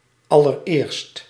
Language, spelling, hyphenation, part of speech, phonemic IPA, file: Dutch, allereerst, al‧ler‧eerst, adverb / adjective, /ɑ.lərˈeːrst/, Nl-allereerst.ogg
- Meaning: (adverb) in the first place, firstly; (adjective) the very first, the first of all